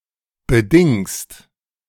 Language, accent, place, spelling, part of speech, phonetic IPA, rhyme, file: German, Germany, Berlin, bedingst, verb, [bəˈdɪŋst], -ɪŋst, De-bedingst.ogg
- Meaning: second-person singular present of bedingen